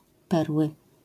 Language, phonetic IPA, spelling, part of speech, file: Polish, [ˈpɛrwɨ], perły, noun, LL-Q809 (pol)-perły.wav